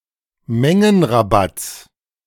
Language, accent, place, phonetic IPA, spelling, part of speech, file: German, Germany, Berlin, [ˈmɛŋənʁaˌbat͡s], Mengenrabatts, noun, De-Mengenrabatts.ogg
- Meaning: genitive singular of Mengenrabatt